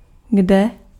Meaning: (adverb) where?; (pronoun) where
- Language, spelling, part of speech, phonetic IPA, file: Czech, kde, adverb / pronoun, [ˈɡdɛ], Cs-kde.ogg